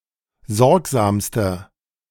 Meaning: inflection of sorgsam: 1. strong/mixed nominative masculine singular superlative degree 2. strong genitive/dative feminine singular superlative degree 3. strong genitive plural superlative degree
- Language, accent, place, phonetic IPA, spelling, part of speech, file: German, Germany, Berlin, [ˈzɔʁkzaːmstɐ], sorgsamster, adjective, De-sorgsamster.ogg